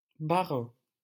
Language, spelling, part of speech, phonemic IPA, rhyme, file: French, Rhin, proper noun, /ʁɛ̃/, -ɛ̃, LL-Q150 (fra)-Rhin.wav
- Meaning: Rhine (a major river in Switzerland, Liechtenstein, Austria, France, Germany and the Netherlands)